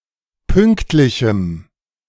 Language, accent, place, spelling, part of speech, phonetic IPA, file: German, Germany, Berlin, pünktlichem, adjective, [ˈpʏŋktlɪçm̩], De-pünktlichem.ogg
- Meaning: strong dative masculine/neuter singular of pünktlich